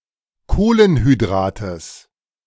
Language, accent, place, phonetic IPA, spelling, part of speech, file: German, Germany, Berlin, [ˈkoːlənhyˌdʁaːtəs], Kohlenhydrates, noun, De-Kohlenhydrates.ogg
- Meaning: genitive singular of Kohlenhydrat